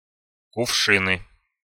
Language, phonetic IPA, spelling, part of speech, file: Russian, [kʊfˈʂɨnɨ], кувшины, noun, Ru-кувшины.ogg
- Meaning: nominative/accusative plural of кувши́н (kuvšín)